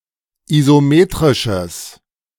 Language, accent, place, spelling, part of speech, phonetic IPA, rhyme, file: German, Germany, Berlin, isometrisches, adjective, [izoˈmeːtʁɪʃəs], -eːtʁɪʃəs, De-isometrisches.ogg
- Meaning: strong/mixed nominative/accusative neuter singular of isometrisch